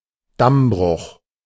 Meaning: dam failure
- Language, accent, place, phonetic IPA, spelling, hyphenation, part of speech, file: German, Germany, Berlin, [ˈdamˌbʁʊx], Dammbruch, Damm‧bruch, noun, De-Dammbruch.ogg